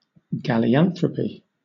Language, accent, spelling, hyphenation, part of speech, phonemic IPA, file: English, Southern England, galeanthropy, ga‧le‧an‧thro‧py, noun, /ɡæliˈænθɹəpi/, LL-Q1860 (eng)-galeanthropy.wav
- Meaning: The mental condition of thinking that one has become a cat, which is usually manifested in the adoption of feline mannerisms and habits